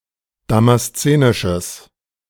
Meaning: strong/mixed nominative/accusative neuter singular of damaszenisch
- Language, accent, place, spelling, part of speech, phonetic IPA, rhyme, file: German, Germany, Berlin, damaszenisches, adjective, [ˌdamasˈt͡seːnɪʃəs], -eːnɪʃəs, De-damaszenisches.ogg